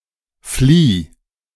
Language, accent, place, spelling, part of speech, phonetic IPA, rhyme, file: German, Germany, Berlin, flieh, verb, [fliː], -iː, De-flieh.ogg
- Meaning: singular imperative of fliehen